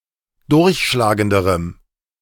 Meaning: strong dative masculine/neuter singular comparative degree of durchschlagend
- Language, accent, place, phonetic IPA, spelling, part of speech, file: German, Germany, Berlin, [ˈdʊʁçʃlaːɡəndəʁəm], durchschlagenderem, adjective, De-durchschlagenderem.ogg